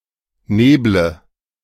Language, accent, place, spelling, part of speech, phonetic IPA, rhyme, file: German, Germany, Berlin, neble, verb, [ˈneːblə], -eːblə, De-neble.ogg
- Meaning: inflection of nebeln: 1. first-person singular present 2. singular imperative 3. first/third-person singular subjunctive I